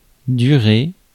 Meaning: to last (for)
- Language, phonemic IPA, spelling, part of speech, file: French, /dy.ʁe/, durer, verb, Fr-durer.ogg